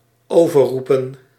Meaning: 1. to shout louder than 2. to excessively shout
- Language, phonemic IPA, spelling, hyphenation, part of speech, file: Dutch, /ˌoː.vərˈru.pə(n)/, overroepen, over‧roe‧pen, verb, Nl-overroepen.ogg